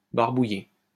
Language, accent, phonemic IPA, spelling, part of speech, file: French, France, /baʁ.bu.je/, barbouillé, adjective / verb, LL-Q150 (fra)-barbouillé.wav
- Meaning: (adjective) having an upset stomach; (verb) past participle of barbouiller